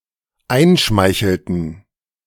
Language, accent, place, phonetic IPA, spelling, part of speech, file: German, Germany, Berlin, [ˈaɪ̯nˌʃmaɪ̯çl̩tn̩], einschmeichelten, verb, De-einschmeichelten.ogg
- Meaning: inflection of einschmeicheln: 1. first/third-person plural dependent preterite 2. first/third-person plural dependent subjunctive II